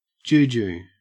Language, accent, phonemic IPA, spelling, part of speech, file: English, Australia, /ˈd͡ʒuːd͡ʒu/, juju, noun, En-au-juju.ogg
- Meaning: 1. A fetish or charm believed by West Africans to have magical or supernatural powers 2. The magical or supernatural power of such a charm